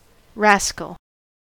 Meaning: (noun) 1. A dishonest person; a rogue, a scoundrel, a trickster 2. A cheeky person or creature; a troublemaker 3. A member of a criminal gang
- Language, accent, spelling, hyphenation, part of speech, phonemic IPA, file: English, US, rascal, ras‧cal, noun / adjective, /ˈɹæskl̩/, En-us-rascal.ogg